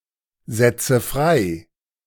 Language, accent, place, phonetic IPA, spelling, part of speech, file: German, Germany, Berlin, [ˌzɛt͡sə ˈfʁaɪ̯], setze frei, verb, De-setze frei.ogg
- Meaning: inflection of freisetzen: 1. first-person singular present 2. first/third-person singular subjunctive I 3. singular imperative